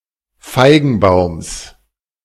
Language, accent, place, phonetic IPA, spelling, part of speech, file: German, Germany, Berlin, [ˈfaɪ̯ɡn̩ˌbaʊ̯ms], Feigenbaums, noun, De-Feigenbaums.ogg
- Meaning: genitive singular of Feigenbaum